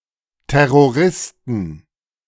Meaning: plural of Terrorist
- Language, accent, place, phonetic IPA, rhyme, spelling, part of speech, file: German, Germany, Berlin, [tɛʁoˈʁɪstn̩], -ɪstn̩, Terroristen, noun, De-Terroristen.ogg